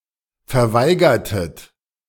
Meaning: inflection of verweigern: 1. second-person plural preterite 2. second-person plural subjunctive II
- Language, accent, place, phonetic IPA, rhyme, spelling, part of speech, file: German, Germany, Berlin, [fɛɐ̯ˈvaɪ̯ɡɐtət], -aɪ̯ɡɐtət, verweigertet, verb, De-verweigertet.ogg